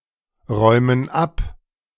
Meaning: inflection of abräumen: 1. first/third-person plural present 2. first/third-person plural subjunctive I
- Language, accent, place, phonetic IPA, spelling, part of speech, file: German, Germany, Berlin, [ˌʁɔɪ̯mən ˈap], räumen ab, verb, De-räumen ab.ogg